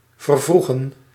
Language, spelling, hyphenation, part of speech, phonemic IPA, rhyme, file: Dutch, vervroegen, ver‧vroe‧gen, verb, /vərˈvruɣən/, -uɣən, Nl-vervroegen.ogg
- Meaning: 1. to advance, hasten 2. to bring forward (appointment, etc.)